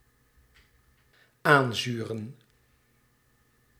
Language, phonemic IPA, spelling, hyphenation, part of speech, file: Dutch, /ˈaːnˌzyː.rə(n)/, aanzuren, aan‧zu‧ren, verb, Nl-aanzuren.ogg
- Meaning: to acidify (to make or to become more acidic or sour)